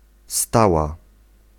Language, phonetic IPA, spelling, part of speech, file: Polish, [ˈstawa], stała, noun / adjective / verb, Pl-stała.ogg